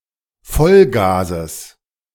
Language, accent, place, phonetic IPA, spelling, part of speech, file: German, Germany, Berlin, [ˈfɔlˌɡaːzəs], Vollgases, noun, De-Vollgases.ogg
- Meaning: genitive singular of Vollgas